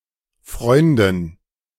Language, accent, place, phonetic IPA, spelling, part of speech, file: German, Germany, Berlin, [ˈfʁɔɪ̯ndn̩], Freunden, noun, De-Freunden.ogg
- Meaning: dative plural of Freund